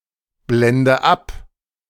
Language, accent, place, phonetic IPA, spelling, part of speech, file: German, Germany, Berlin, [ˌblɛndə ˈap], blende ab, verb, De-blende ab.ogg
- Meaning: inflection of abblenden: 1. first-person singular present 2. first/third-person singular subjunctive I 3. singular imperative